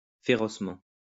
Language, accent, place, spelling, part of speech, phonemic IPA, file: French, France, Lyon, férocement, adverb, /fe.ʁɔs.mɑ̃/, LL-Q150 (fra)-férocement.wav
- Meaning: 1. ferociously 2. wildly